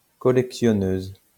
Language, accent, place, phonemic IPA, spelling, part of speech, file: French, France, Lyon, /kɔ.lɛk.sjɔ.nøz/, collectionneuse, noun, LL-Q150 (fra)-collectionneuse.wav
- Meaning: female equivalent of collectionneur